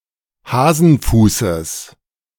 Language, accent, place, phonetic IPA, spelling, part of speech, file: German, Germany, Berlin, [ˈhaːzn̩ˌfuːsəs], Hasenfußes, noun, De-Hasenfußes.ogg
- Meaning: genitive singular of Hasenfuß